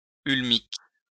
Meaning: ulmic
- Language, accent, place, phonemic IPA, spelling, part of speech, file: French, France, Lyon, /yl.mik/, ulmique, adjective, LL-Q150 (fra)-ulmique.wav